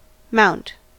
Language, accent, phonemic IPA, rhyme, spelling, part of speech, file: English, General American, /maʊnt/, -aʊnt, mount, noun / verb, En-us-mount.ogg
- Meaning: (noun) 1. A hill or mountain 2. Any of seven fleshy prominences in the palm of the hand, taken to represent the influences of various heavenly bodies 3. A bulwark for offence or defence; a mound